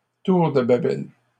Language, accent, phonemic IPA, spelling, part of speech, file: French, Canada, /tuʁ də ba.bɛl/, tour de Babel, proper noun / noun, LL-Q150 (fra)-tour de Babel.wav
- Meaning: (proper noun) Tower of Babel; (noun) tower of Babel (situation where the use of many different languages is a source of confusion)